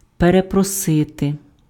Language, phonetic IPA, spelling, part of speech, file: Ukrainian, [pereprɔˈsɪte], перепросити, verb, Uk-перепросити.ogg
- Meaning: to apologize